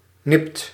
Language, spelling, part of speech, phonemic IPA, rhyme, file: Dutch, nipt, adjective / verb, /nɪpt/, -ɪpt, Nl-nipt.ogg
- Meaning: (adjective) narrow; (verb) inflection of nippen: 1. second/third-person singular present indicative 2. plural imperative